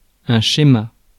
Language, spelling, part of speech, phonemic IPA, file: French, schéma, noun, /ʃe.ma/, Fr-schéma.ogg
- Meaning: 1. schema 2. model, pattern, scheme